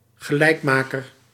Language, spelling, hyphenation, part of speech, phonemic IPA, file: Dutch, gelijkmaker, ge‧lijk‧ma‧ker, noun, /ɣəˈlɛi̯kˌmaː.kər/, Nl-gelijkmaker.ogg
- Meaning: equalizer (goal, run, point, etc. that equalises the score)